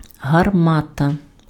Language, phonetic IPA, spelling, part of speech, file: Ukrainian, [ɦɐrˈmatɐ], гармата, noun, Uk-гармата.ogg
- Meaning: cannon